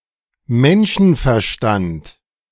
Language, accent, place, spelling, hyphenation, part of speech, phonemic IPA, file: German, Germany, Berlin, Menschenverstand, Men‧schen‧ver‧stand, noun, /ˈmɛnʃn̩fɛɐ̯ˌʃtant/, De-Menschenverstand.ogg
- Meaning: human reason